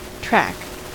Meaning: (noun) 1. A mark left by something that has passed along 2. A mark or impression left by the foot, either of man or animal 3. The entire lower surface of the foot; said of birds, etc
- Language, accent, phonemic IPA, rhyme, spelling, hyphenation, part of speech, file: English, General American, /ˈtɹæk/, -æk, track, track, noun / verb, En-us-track.ogg